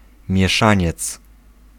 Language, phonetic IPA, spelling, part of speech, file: Polish, [mʲjɛˈʃãɲɛt͡s], mieszaniec, noun, Pl-mieszaniec.ogg